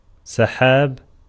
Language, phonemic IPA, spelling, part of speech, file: Arabic, /sa.ħaːb/, سحاب, noun / proper noun, Ar-سحاب.ogg
- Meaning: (noun) 1. clouds 2. zip fastener; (proper noun) Sahab (a city in Jordan)